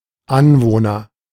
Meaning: resident
- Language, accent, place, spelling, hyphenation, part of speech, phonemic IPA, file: German, Germany, Berlin, Anwohner, An‧woh‧ner, noun, /ˈanˌvoːnɐ/, De-Anwohner.ogg